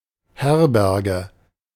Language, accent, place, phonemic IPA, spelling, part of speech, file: German, Germany, Berlin, /ˈhɛʁˌbɛʁɡə/, Herberge, noun, De-Herberge.ogg
- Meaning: 1. hostel, inn (accommodation for travellers, often serving breakfast and cold supper, but typically no hot food) 2. home, shelter, place to sleep